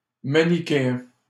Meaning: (noun) Manichaean; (adjective) simplistic, black and white, binary, Manichaean
- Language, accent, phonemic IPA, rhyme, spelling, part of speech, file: French, Canada, /ma.ni.ke.ɛ̃/, -ɛ̃, manichéen, noun / adjective, LL-Q150 (fra)-manichéen.wav